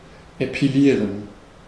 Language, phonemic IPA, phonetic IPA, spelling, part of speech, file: German, /epiˈliːʁən/, [ʔepʰiˈliːɐ̯n], epilieren, verb, De-epilieren.ogg
- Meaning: to epilate (remove body hairs)